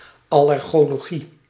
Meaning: allergology
- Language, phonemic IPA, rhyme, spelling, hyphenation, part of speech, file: Dutch, /ˌɑ.lɛr.ɣoː.loːˈɣi/, -i, allergologie, al‧ler‧go‧lo‧gie, noun, Nl-allergologie.ogg